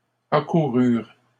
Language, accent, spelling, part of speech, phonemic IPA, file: French, Canada, accoururent, verb, /a.ku.ʁyʁ/, LL-Q150 (fra)-accoururent.wav
- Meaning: third-person plural past historic of accourir